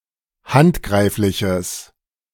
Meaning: strong/mixed nominative/accusative neuter singular of handgreiflich
- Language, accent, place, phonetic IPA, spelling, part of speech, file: German, Germany, Berlin, [ˈhantˌɡʁaɪ̯flɪçəs], handgreifliches, adjective, De-handgreifliches.ogg